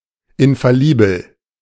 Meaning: infallible
- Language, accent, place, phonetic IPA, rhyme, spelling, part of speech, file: German, Germany, Berlin, [ɪnfaˈliːbl̩], -iːbl̩, infallibel, adjective, De-infallibel.ogg